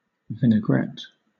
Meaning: A sauce, made of an acidic liquid such as vinegar or lemon juice; oil; and other ingredients, used as a salad dressing, or as a marinade for cold meats
- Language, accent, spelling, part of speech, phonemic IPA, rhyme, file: English, Southern England, vinaigrette, noun, /vɪnəˈɡɹɛt/, -ɛt, LL-Q1860 (eng)-vinaigrette.wav